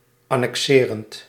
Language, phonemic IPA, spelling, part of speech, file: Dutch, /ˌɑnɛkˈsɪːrənt/, annexerend, verb, Nl-annexerend.ogg
- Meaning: present participle of annexeren